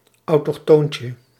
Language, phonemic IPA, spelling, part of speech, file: Dutch, /ˌɑutɔxˈtoɲcə/, autochtoontje, noun, Nl-autochtoontje.ogg
- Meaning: diminutive of autochtoon